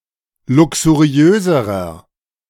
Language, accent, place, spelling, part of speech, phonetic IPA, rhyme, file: German, Germany, Berlin, luxuriöserer, adjective, [ˌlʊksuˈʁi̯øːzəʁɐ], -øːzəʁɐ, De-luxuriöserer.ogg
- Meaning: inflection of luxuriös: 1. strong/mixed nominative masculine singular comparative degree 2. strong genitive/dative feminine singular comparative degree 3. strong genitive plural comparative degree